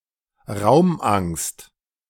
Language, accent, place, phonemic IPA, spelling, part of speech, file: German, Germany, Berlin, /ˈʁaʊ̯mˌʔaŋst/, Raumangst, noun, De-Raumangst.ogg
- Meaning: claustrophobia